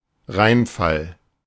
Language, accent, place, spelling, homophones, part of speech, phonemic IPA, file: German, Germany, Berlin, Reinfall, Rheinfall, noun, /ˈʁaɪ̯nˌfal/, De-Reinfall.ogg
- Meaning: disappointment, failure, let-down